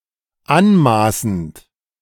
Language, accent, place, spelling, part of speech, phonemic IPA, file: German, Germany, Berlin, anmaßend, verb / adjective, /ˈanˌmaːsn̩t/, De-anmaßend.ogg
- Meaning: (verb) present participle of anmaßen; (adjective) presumptuous, pretentious, high-handed, arrogant, overbearing